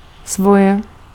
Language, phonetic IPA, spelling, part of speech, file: Czech, [ˈsvojɛ], svoje, pronoun, Cs-svoje.ogg
- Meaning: inflection of svůj: 1. feminine nominative/vocative singular 2. neuter nominative/accusative/vocative singular/plural 3. masculine accusative plural 4. inanimate masculine nominative/vocative plural